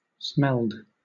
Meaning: simple past and past participle of smell
- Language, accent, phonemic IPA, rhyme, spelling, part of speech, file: English, Southern England, /ˈsmɛld/, -ɛld, smelled, verb, LL-Q1860 (eng)-smelled.wav